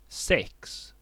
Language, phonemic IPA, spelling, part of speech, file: Swedish, /sɛks/, sex, numeral / noun, Sv-sex.ogg
- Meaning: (numeral) six; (noun) sex (intercourse, sexual activity)